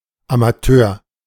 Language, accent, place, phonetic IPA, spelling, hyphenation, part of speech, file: German, Germany, Berlin, [amaˈtøːɐ̯], Amateur, Ama‧teur, noun, De-Amateur.ogg
- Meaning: amateur